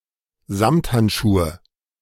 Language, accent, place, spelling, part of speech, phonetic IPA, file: German, Germany, Berlin, Samthandschuhe, noun, [ˈzamthantˌʃuːə], De-Samthandschuhe.ogg
- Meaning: nominative/accusative/genitive plural of Samthandschuh